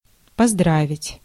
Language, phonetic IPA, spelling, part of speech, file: Russian, [pɐzˈdravʲɪtʲ], поздравить, verb, Ru-поздравить.ogg
- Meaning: to congratulate, to felicitate